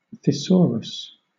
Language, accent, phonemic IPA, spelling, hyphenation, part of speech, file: English, Southern England, /θɪˈsoːɹəs/, thesaurus, the‧saur‧us, noun, LL-Q1860 (eng)-thesaurus.wav
- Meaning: 1. A publication that provides synonyms (and sometimes antonyms and other semantic relations) for the words of a given language 2. A dictionary or encyclopedia